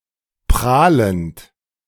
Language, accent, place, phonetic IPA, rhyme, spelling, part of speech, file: German, Germany, Berlin, [ˈpʁaːlənt], -aːlənt, prahlend, verb, De-prahlend.ogg
- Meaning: present participle of prahlen